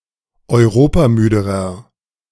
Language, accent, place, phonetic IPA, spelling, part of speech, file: German, Germany, Berlin, [ɔɪ̯ˈʁoːpaˌmyːdəʁɐ], europamüderer, adjective, De-europamüderer.ogg
- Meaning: inflection of europamüde: 1. strong/mixed nominative masculine singular comparative degree 2. strong genitive/dative feminine singular comparative degree 3. strong genitive plural comparative degree